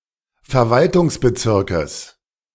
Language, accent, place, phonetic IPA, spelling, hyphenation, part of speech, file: German, Germany, Berlin, [fɛɐ̯ˈvaltʰʊŋsbəˌtsɪʁkəs], Verwaltungsbezirkes, Ver‧wal‧tungs‧be‧zir‧kes, noun, De-Verwaltungsbezirkes.ogg
- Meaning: genitive singular of Verwaltungsbezirk